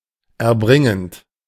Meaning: present participle of erbringen
- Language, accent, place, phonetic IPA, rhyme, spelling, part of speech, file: German, Germany, Berlin, [ɛɐ̯ˈbʁɪŋənt], -ɪŋənt, erbringend, verb, De-erbringend.ogg